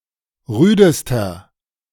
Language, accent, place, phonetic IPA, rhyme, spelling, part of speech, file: German, Germany, Berlin, [ˈʁyːdəstɐ], -yːdəstɐ, rüdester, adjective, De-rüdester.ogg
- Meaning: inflection of rüde: 1. strong/mixed nominative masculine singular superlative degree 2. strong genitive/dative feminine singular superlative degree 3. strong genitive plural superlative degree